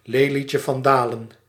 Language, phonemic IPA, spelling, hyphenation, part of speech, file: Dutch, /ˌleː.li.tjə.vɑnˈdaː.lə(n)/, lelietje-van-dalen, le‧lietje-van-da‧len, noun, Nl-lelietje-van-dalen.ogg
- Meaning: lily of the valley (Convallaria majalis)